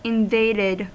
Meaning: simple past and past participle of invade
- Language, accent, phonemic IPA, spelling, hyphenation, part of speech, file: English, US, /ɪnˈveɪdɪd/, invaded, in‧vad‧ed, verb, En-us-invaded.ogg